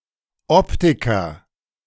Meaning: optician (male or of unspecified gender)
- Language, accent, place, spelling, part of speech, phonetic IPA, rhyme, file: German, Germany, Berlin, Optiker, noun, [ˈɔptɪkɐ], -ɔptɪkɐ, De-Optiker.ogg